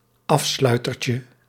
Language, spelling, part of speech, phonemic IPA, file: Dutch, afsluitertje, noun, /ˈɑfslœytərcə/, Nl-afsluitertje.ogg
- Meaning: diminutive of afsluiter